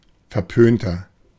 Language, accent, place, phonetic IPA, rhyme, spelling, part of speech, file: German, Germany, Berlin, [fɛɐ̯ˈpøːntɐ], -øːntɐ, verpönter, adjective, De-verpönter.ogg
- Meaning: 1. comparative degree of verpönt 2. inflection of verpönt: strong/mixed nominative masculine singular 3. inflection of verpönt: strong genitive/dative feminine singular